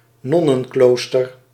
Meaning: a nuns' monastery, a nunnery
- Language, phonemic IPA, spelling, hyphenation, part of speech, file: Dutch, /ˈnɔ.nə(n)ˌkloːs.tər/, nonnenklooster, non‧nen‧kloos‧ter, noun, Nl-nonnenklooster.ogg